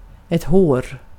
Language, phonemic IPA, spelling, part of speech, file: Swedish, /hoːr/, hår, noun, Sv-hår.ogg
- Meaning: hair